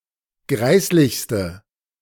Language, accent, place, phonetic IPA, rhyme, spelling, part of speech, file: German, Germany, Berlin, [ˈɡʁaɪ̯slɪçstə], -aɪ̯slɪçstə, greislichste, adjective, De-greislichste.ogg
- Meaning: inflection of greislich: 1. strong/mixed nominative/accusative feminine singular superlative degree 2. strong nominative/accusative plural superlative degree